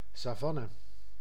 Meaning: savanna
- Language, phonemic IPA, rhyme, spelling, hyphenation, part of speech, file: Dutch, /ˌsaːˈvɑ.nə/, -ɑnə, savanne, sa‧van‧ne, noun, Nl-savanne.ogg